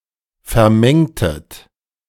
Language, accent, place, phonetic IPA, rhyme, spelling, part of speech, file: German, Germany, Berlin, [fɛɐ̯ˈmɛŋtət], -ɛŋtət, vermengtet, verb, De-vermengtet.ogg
- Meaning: inflection of vermengen: 1. second-person plural preterite 2. second-person plural subjunctive II